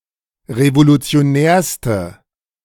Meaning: inflection of revolutionär: 1. strong/mixed nominative/accusative feminine singular superlative degree 2. strong nominative/accusative plural superlative degree
- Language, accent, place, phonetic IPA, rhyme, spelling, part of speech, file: German, Germany, Berlin, [ʁevolut͡si̯oˈnɛːɐ̯stə], -ɛːɐ̯stə, revolutionärste, adjective, De-revolutionärste.ogg